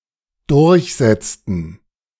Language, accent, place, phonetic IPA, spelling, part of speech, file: German, Germany, Berlin, [ˈdʊʁçˌzɛt͡stn̩], durchsetzten, verb, De-durchsetzten.ogg
- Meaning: inflection of durchsetzen: 1. first/third-person plural dependent preterite 2. first/third-person plural dependent subjunctive II